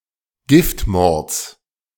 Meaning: genitive singular of Giftmord
- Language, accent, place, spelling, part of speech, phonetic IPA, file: German, Germany, Berlin, Giftmords, noun, [ˈɡɪftˌmɔʁt͡s], De-Giftmords.ogg